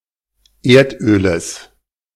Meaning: genitive singular of Erdöl
- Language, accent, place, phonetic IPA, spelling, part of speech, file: German, Germany, Berlin, [ˈeːɐ̯tˌʔøːləs], Erdöles, noun, De-Erdöles.ogg